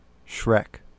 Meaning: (noun) An extremely ugly person; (verb) To engage in Shrekking
- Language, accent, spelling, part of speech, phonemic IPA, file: English, US, Shrek, noun / verb, /ʃɹɛk/, En-us-Shrek.ogg